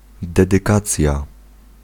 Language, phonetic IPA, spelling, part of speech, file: Polish, [ˌdɛdɨˈkat͡sʲja], dedykacja, noun, Pl-dedykacja.ogg